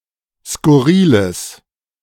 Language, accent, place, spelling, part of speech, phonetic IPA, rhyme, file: German, Germany, Berlin, skurriles, adjective, [skʊˈʁiːləs], -iːləs, De-skurriles.ogg
- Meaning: strong/mixed nominative/accusative neuter singular of skurril